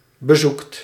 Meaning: inflection of bezoeken: 1. second/third-person singular present indicative 2. plural imperative
- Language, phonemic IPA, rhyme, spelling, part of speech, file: Dutch, /bə.ˈzukt/, -ukt, bezoekt, verb, Nl-bezoekt.ogg